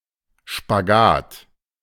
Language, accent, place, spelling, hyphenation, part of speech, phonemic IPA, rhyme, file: German, Germany, Berlin, Spagat, Spa‧gat, noun, /ʃpaˈɡaːt/, -aːt, De-Spagat.ogg
- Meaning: 1. splits (move in dance or gymnastics in which the legs are extended straight out and perpendicular to the body) 2. balancing act (effort to manage conflicting interests) 3. cord, string